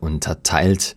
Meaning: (verb) past participle of unterteilen; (adjective) divided; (verb) inflection of unterteilen: 1. third-person singular present 2. second-person plural present 3. plural imperative
- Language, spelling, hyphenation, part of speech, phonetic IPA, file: German, unterteilt, un‧ter‧teilt, verb / adjective, [ʊntɐˈtaɪ̯lt], De-unterteilt.ogg